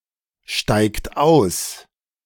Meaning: inflection of aussteigen: 1. third-person singular present 2. second-person plural present 3. plural imperative
- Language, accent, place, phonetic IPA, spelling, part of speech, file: German, Germany, Berlin, [ˌʃtaɪ̯kt ˈaʊ̯s], steigt aus, verb, De-steigt aus.ogg